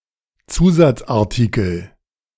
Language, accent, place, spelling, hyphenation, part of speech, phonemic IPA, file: German, Germany, Berlin, Zusatzartikel, Zu‧satz‧ar‧ti‧kel, noun, /ˈt͡suːzat͡sʔaʁˌtiːkl̩/, De-Zusatzartikel.ogg
- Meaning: amendment